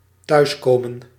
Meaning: to come home
- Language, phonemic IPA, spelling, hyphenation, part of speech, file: Dutch, /ˈtœy̯sˌkoː.mə(n)/, thuiskomen, thuis‧ko‧men, verb, Nl-thuiskomen.ogg